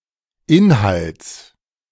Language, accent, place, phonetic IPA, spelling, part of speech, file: German, Germany, Berlin, [ˈɪnhalt͡s], Inhalts, noun, De-Inhalts.ogg
- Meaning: genitive singular of Inhalt